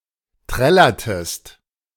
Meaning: inflection of trällern: 1. second-person singular preterite 2. second-person singular subjunctive II
- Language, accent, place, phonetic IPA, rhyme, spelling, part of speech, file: German, Germany, Berlin, [ˈtʁɛlɐtəst], -ɛlɐtəst, trällertest, verb, De-trällertest.ogg